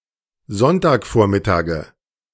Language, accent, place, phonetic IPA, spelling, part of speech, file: German, Germany, Berlin, [ˈzɔntaːkˌfoːɐ̯mɪtaːɡə], Sonntagvormittage, noun, De-Sonntagvormittage.ogg
- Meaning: nominative/accusative/genitive plural of Sonntagvormittag